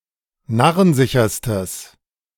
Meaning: strong/mixed nominative/accusative neuter singular superlative degree of narrensicher
- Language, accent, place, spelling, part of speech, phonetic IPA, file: German, Germany, Berlin, narrensicherstes, adjective, [ˈnaʁənˌzɪçɐstəs], De-narrensicherstes.ogg